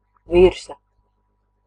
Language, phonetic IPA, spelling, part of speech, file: Latvian, [vìrsa], virsa, noun, Lv-virsa.ogg
- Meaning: 1. top (the upper part, of an object, body, etc.) 2. surface